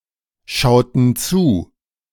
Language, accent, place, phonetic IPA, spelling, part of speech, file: German, Germany, Berlin, [ˌʃaʊ̯tn̩ ˈt͡suː], schauten zu, verb, De-schauten zu.ogg
- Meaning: inflection of zuschauen: 1. first/third-person plural preterite 2. first/third-person plural subjunctive II